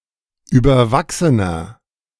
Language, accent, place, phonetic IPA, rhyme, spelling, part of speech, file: German, Germany, Berlin, [ˌyːbɐˈvaksənɐ], -aksənɐ, überwachsener, adjective, De-überwachsener.ogg
- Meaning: 1. comparative degree of überwachsen 2. inflection of überwachsen: strong/mixed nominative masculine singular 3. inflection of überwachsen: strong genitive/dative feminine singular